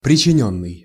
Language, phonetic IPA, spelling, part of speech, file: Russian, [prʲɪt͡ɕɪˈnʲɵnːɨj], причинённый, verb, Ru-причинённый.ogg
- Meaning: past passive perfective participle of причини́ть (pričinítʹ)